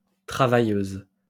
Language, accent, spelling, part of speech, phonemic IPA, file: French, France, travailleuse, noun / adjective, /tʁa.va.jøz/, LL-Q150 (fra)-travailleuse.wav
- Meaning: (noun) female equivalent of travailleur; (adjective) feminine singular of travailleur